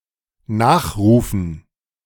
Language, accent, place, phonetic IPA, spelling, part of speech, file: German, Germany, Berlin, [ˈnaːxˌʁuːfn̩], Nachrufen, noun, De-Nachrufen.ogg
- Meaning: dative plural of Nachruf